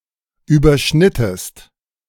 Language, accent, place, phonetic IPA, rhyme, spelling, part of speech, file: German, Germany, Berlin, [yːbɐˈʃnɪtəst], -ɪtəst, überschnittest, verb, De-überschnittest.ogg
- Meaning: inflection of überschneiden: 1. second-person singular preterite 2. second-person singular subjunctive II